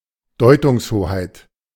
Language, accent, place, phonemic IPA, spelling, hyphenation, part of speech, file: German, Germany, Berlin, /ˈdɔɪ̯tʊŋsˌhoːhaɪ̯t/, Deutungshoheit, Deu‧tungs‧ho‧heit, noun, De-Deutungshoheit.ogg
- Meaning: power to control interpretation